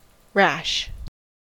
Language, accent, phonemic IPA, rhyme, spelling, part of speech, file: English, General American, /ɹæʃ/, -æʃ, rash, adjective / adverb / noun / verb, En-us-rash.ogg
- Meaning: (adjective) 1. Acting too quickly without considering the consequences and risks; not careful; hasty 2. Of corn or other grains: so dry as to fall out of the ear with handling